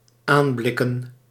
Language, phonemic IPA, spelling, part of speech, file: Dutch, /ˈamblɪkə(n)/, aanblikken, verb / noun, Nl-aanblikken.ogg
- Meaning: plural of aanblik